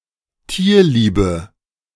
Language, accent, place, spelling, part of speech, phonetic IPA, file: German, Germany, Berlin, tierliebe, adjective, [ˈtiːɐ̯ˌliːbə], De-tierliebe.ogg
- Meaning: inflection of tierlieb: 1. strong/mixed nominative/accusative feminine singular 2. strong nominative/accusative plural 3. weak nominative all-gender singular